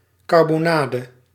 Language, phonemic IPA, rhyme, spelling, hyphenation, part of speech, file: Dutch, /ˌkɑr.boːˈnaː.də/, -aːdə, karbonade, kar‧bo‧na‧de, noun, Nl-karbonade.ogg
- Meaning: meat chop, cutlet (usually containing a piece of bone)